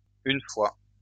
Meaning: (adverb) once, one time; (conjunction) 1. once, as soon as 2. once, as soon as: With que, introducing a full clause in the perfect aspect
- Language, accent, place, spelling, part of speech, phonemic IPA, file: French, France, Lyon, une fois, adverb / conjunction, /yn fwa/, LL-Q150 (fra)-une fois.wav